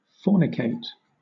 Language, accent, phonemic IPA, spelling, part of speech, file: English, Southern England, /ˈfɔː.nɪˌkeɪt/, fornicate, verb, LL-Q1860 (eng)-fornicate.wav
- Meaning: To engage in fornication